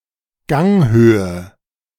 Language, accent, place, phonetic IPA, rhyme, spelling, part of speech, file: German, Germany, Berlin, [ˈɡɛŋl̩tət], -ɛŋl̩tət, gängeltet, verb, De-gängeltet.ogg
- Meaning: inflection of gängeln: 1. second-person plural preterite 2. second-person plural subjunctive II